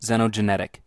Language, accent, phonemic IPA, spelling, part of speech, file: English, US, /zɛ.nəʊ.d͡ʒəˈnɛ.tɪk/, xenogenetic, adjective, En-us-xenogenetic.ogg
- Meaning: 1. Being of foreign origin; having originated elsewhere 2. Relating to xenogenesis